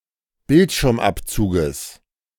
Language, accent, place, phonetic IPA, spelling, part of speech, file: German, Germany, Berlin, [ˈbɪltʃɪʁmˌʔapt͡suːɡəs], Bildschirmabzuges, noun, De-Bildschirmabzuges.ogg
- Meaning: genitive singular of Bildschirmabzug